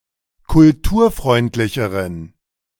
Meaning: inflection of kulturfreundlich: 1. strong genitive masculine/neuter singular comparative degree 2. weak/mixed genitive/dative all-gender singular comparative degree
- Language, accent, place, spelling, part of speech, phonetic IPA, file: German, Germany, Berlin, kulturfreundlicheren, adjective, [kʊlˈtuːɐ̯ˌfʁɔɪ̯ntlɪçəʁən], De-kulturfreundlicheren.ogg